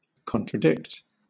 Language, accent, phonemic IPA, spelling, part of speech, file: English, Southern England, /ˌkɒn.tɹəˈdɪkt/, contradict, verb, LL-Q1860 (eng)-contradict.wav
- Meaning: 1. To deny the truth or validity of (a statement or statements) 2. To oppose (a person) by denying the truth or pertinence of a given statement 3. To be contrary to (something)